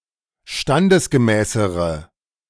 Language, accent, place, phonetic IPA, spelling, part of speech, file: German, Germany, Berlin, [ˈʃtandəsɡəˌmɛːsəʁə], standesgemäßere, adjective, De-standesgemäßere.ogg
- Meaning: inflection of standesgemäß: 1. strong/mixed nominative/accusative feminine singular comparative degree 2. strong nominative/accusative plural comparative degree